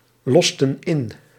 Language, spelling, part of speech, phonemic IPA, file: Dutch, losten in, verb, /ˈlɔstə(n) ˈɪn/, Nl-losten in.ogg
- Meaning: inflection of inlossen: 1. plural past indicative 2. plural past subjunctive